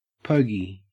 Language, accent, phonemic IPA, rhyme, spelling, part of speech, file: English, Australia, /ˈpəʊɡi/, -əʊɡi, pogey, noun, En-au-pogey.ogg
- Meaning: 1. A poorhouse, workhouse, welfare office, charity hostel, etc 2. Government financial assistance, particularly employment insurance